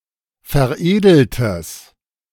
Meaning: strong/mixed nominative/accusative neuter singular of veredelt
- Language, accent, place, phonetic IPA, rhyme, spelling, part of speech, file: German, Germany, Berlin, [fɛɐ̯ˈʔeːdl̩təs], -eːdl̩təs, veredeltes, adjective, De-veredeltes.ogg